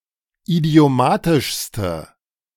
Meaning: inflection of idiomatisch: 1. strong/mixed nominative/accusative feminine singular superlative degree 2. strong nominative/accusative plural superlative degree
- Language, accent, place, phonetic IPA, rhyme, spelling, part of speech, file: German, Germany, Berlin, [idi̯oˈmaːtɪʃstə], -aːtɪʃstə, idiomatischste, adjective, De-idiomatischste.ogg